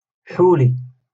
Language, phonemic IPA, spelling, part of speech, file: Moroccan Arabic, /ħaw.li/, حولي, noun, LL-Q56426 (ary)-حولي.wav
- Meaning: one-year-old sheep